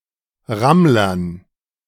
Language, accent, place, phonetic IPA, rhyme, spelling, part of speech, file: German, Germany, Berlin, [ˈʁamlɐn], -amlɐn, Rammlern, noun, De-Rammlern.ogg
- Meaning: dative plural of Rammler